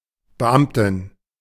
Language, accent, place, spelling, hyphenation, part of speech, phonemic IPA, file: German, Germany, Berlin, Beamtin, Be‧am‧tin, noun, /bəˈʔamtɪn/, De-Beamtin.ogg
- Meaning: civil servant, public servant (female)